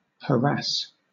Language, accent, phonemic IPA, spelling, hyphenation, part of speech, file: English, Southern England, /həˈɹæs/, harass, ha‧rass, verb / noun, LL-Q1860 (eng)-harass.wav
- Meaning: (verb) To annoy (someone) frequently or systematically; to pester